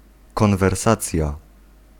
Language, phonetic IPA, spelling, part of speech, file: Polish, [ˌkɔ̃nvɛrˈsat͡sʲja], konwersacja, noun, Pl-konwersacja.ogg